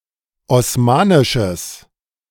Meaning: strong/mixed nominative/accusative neuter singular of osmanisch
- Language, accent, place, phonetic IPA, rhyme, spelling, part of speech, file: German, Germany, Berlin, [ɔsˈmaːnɪʃəs], -aːnɪʃəs, osmanisches, adjective, De-osmanisches.ogg